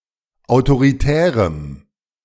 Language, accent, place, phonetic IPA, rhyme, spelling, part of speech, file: German, Germany, Berlin, [aʊ̯toʁiˈtɛːʁəm], -ɛːʁəm, autoritärem, adjective, De-autoritärem.ogg
- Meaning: strong dative masculine/neuter singular of autoritär